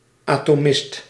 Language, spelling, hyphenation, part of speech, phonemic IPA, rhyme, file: Dutch, atomist, ato‧mist, noun, /ˌaː.toːˈmɪst/, -ɪst, Nl-atomist.ogg
- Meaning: an atomist